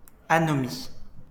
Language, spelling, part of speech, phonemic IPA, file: French, anomie, noun, /a.nɔ.mi/, LL-Q150 (fra)-anomie.wav
- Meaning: anomie